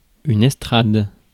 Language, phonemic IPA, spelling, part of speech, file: French, /ɛs.tʁad/, estrade, noun, Fr-estrade.ogg
- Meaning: platform, podium